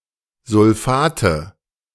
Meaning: nominative/accusative/genitive plural of Sulfat
- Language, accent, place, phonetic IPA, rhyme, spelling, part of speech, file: German, Germany, Berlin, [zʊlˈfaːtə], -aːtə, Sulfate, noun, De-Sulfate.ogg